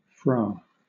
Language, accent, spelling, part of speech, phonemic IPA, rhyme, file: English, Southern England, fra, noun / adverb, /fɹɑː/, -ɑː, LL-Q1860 (eng)-fra.wav
- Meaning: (noun) A title of a friar or monk: brother; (adverb) Archaic form of fro